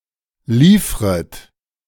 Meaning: second-person plural subjunctive I of liefern
- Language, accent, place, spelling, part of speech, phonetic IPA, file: German, Germany, Berlin, liefret, verb, [ˈliːfʁət], De-liefret.ogg